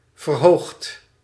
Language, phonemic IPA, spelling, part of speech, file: Dutch, /vərˈhoxt/, verhoogd, adjective / verb, Nl-verhoogd.ogg
- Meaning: past participle of verhogen